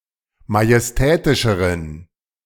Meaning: inflection of majestätisch: 1. strong genitive masculine/neuter singular comparative degree 2. weak/mixed genitive/dative all-gender singular comparative degree
- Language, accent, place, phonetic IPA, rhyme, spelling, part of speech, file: German, Germany, Berlin, [majɛsˈtɛːtɪʃəʁən], -ɛːtɪʃəʁən, majestätischeren, adjective, De-majestätischeren.ogg